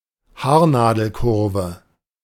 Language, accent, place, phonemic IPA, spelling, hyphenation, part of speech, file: German, Germany, Berlin, /ˈhaːɐ̯naːdəlˌkʊʁvə/, Haarnadelkurve, Haar‧na‧del‧kur‧ve, noun, De-Haarnadelkurve.ogg
- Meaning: hairpin bend